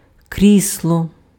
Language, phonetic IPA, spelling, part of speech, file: Ukrainian, [ˈkrʲisɫɔ], крісло, noun, Uk-крісло.ogg
- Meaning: 1. armchair, easy chair 2. responsible position, post 3. chair